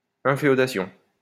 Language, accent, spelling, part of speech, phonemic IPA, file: French, France, inféodation, noun, /ɛ̃.fe.ɔ.da.sjɔ̃/, LL-Q150 (fra)-inféodation.wav
- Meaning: 1. infeudation, enfeoffment 2. allegiance